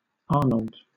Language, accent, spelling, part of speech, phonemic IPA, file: English, Southern England, Arnold, proper noun, /ˈɑːnəld/, LL-Q1860 (eng)-Arnold.wav
- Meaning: 1. A male given name from the Germanic languages brought to England by Normans 2. A surname originating as a patronymic 3. A hamlet in the East Riding of Yorkshire, England (OS grid ref TA1241)